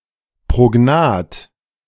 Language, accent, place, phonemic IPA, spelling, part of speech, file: German, Germany, Berlin, /ˌpʁoˈɡnaːt/, prognath, adjective, De-prognath.ogg
- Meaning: prognathous